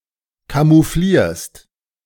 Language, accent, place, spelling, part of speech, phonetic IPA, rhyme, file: German, Germany, Berlin, camouflierst, verb, [kamuˈfliːɐ̯st], -iːɐ̯st, De-camouflierst.ogg
- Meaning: second-person singular present of camouflieren